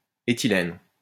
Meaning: ethylene
- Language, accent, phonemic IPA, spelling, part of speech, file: French, France, /e.ti.lɛn/, éthylène, noun, LL-Q150 (fra)-éthylène.wav